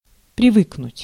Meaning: to get used (to), to get accustomed
- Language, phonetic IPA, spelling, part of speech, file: Russian, [prʲɪˈvɨknʊtʲ], привыкнуть, verb, Ru-привыкнуть.ogg